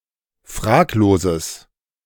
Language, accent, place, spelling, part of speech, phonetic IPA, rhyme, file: German, Germany, Berlin, fragloses, adjective, [ˈfʁaːkloːzəs], -aːkloːzəs, De-fragloses.ogg
- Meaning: strong/mixed nominative/accusative neuter singular of fraglos